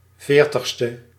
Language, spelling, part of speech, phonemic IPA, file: Dutch, veertigste, adjective, /ˈveːrtəxstə/, Nl-veertigste.ogg
- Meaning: fortieth